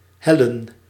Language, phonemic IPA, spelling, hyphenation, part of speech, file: Dutch, /ˈɦɛlə(n)/, hellen, hel‧len, verb, Nl-hellen.ogg
- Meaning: to incline